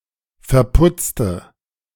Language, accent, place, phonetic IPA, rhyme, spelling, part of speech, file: German, Germany, Berlin, [fɛɐ̯ˈpʊt͡stə], -ʊt͡stə, verputzte, adjective / verb, De-verputzte.ogg
- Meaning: inflection of verputzen: 1. first/third-person singular preterite 2. first/third-person singular subjunctive II